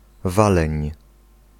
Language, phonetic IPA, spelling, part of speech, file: Polish, [ˈvalɛ̃ɲ], waleń, noun, Pl-waleń.ogg